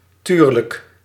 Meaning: 1. of course 2. yeah, right, sure, as if
- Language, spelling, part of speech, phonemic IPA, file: Dutch, tuurlijk, interjection, /ˈtyrlək/, Nl-tuurlijk.ogg